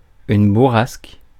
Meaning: blast, gust of wind; squall
- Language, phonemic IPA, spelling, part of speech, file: French, /bu.ʁask/, bourrasque, noun, Fr-bourrasque.ogg